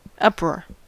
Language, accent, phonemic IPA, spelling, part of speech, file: English, US, /ˈʌpɹɔːɹ/, uproar, noun / verb, En-us-uproar.ogg
- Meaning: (noun) 1. Tumultuous, noisy excitement 2. Loud, confused noise, especially when coming from several sources 3. A loud protest, controversy, or outrage; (verb) To throw into uproar or confusion